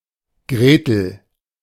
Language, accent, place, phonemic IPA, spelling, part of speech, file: German, Germany, Berlin, /ˈɡʁeːtl̩/, Gretel, proper noun, De-Gretel.ogg
- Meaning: 1. a diminutive of the female given name Margarete 2. Gretel, the girl in the fairy tale Hansel and Gretel (original German name: Hänsel und Gretel (Hänsel und Grethel))